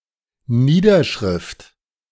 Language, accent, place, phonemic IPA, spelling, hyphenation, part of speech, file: German, Germany, Berlin, /ˈniːdɐˌʃʁɪft/, Niederschrift, Nie‧der‧schrift, noun, De-Niederschrift.ogg
- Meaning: minute, written record